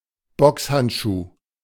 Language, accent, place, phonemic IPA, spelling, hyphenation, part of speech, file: German, Germany, Berlin, /ˈbɔkshantˌʃuː/, Boxhandschuh, Box‧hand‧schuh, noun, De-Boxhandschuh.ogg
- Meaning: boxing glove